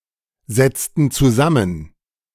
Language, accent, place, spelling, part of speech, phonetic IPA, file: German, Germany, Berlin, setzten zusammen, verb, [ˌzɛt͡stn̩ t͡suˈzamən], De-setzten zusammen.ogg
- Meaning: inflection of zusammensetzen: 1. first/third-person plural preterite 2. first/third-person plural subjunctive II